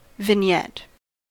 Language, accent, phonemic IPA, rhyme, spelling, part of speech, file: English, US, /vɪnˈjɛt/, -ɛt, vignette, noun / verb, En-us-vignette.ogg
- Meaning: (noun) A running ornament consisting of leaves and tendrils, used in Gothic architecture